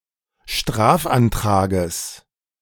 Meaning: genitive singular of Strafantrag
- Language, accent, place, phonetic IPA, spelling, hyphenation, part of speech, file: German, Germany, Berlin, [ˈʃtʁaːfʔanˌtʁaːɡəs], Strafantrages, Straf‧an‧tra‧ges, noun, De-Strafantrages.ogg